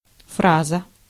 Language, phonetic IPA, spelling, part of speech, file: Russian, [ˈfrazə], фраза, noun, Ru-фраза.ogg
- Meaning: sentence, phrase